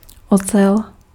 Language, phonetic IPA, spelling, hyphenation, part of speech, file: Czech, [ˈot͡sɛl], ocel, ocel, noun, Cs-ocel.ogg
- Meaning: steel